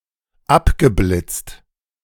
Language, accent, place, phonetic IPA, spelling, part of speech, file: German, Germany, Berlin, [ˈapɡəˌblɪt͡st], abgeblitzt, verb, De-abgeblitzt.ogg
- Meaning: past participle of abblitzen